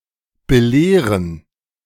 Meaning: 1. to teach, to guide 2. to inform, to explain 3. to correct
- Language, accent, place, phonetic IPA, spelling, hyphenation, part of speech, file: German, Germany, Berlin, [bəˈleːʁən], belehren, be‧leh‧ren, verb, De-belehren.ogg